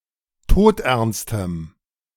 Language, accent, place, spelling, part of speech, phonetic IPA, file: German, Germany, Berlin, todernstem, adjective, [ˈtoːtʔɛʁnstəm], De-todernstem.ogg
- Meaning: strong dative masculine/neuter singular of todernst